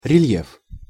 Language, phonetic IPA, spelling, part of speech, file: Russian, [rʲɪˈlʲjef], рельеф, noun, Ru-рельеф.ogg
- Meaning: 1. relief (difference of elevations on a surface) 2. relief